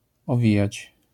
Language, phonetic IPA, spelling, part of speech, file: Polish, [ɔˈvʲĩjat͡ɕ], owijać, verb, LL-Q809 (pol)-owijać.wav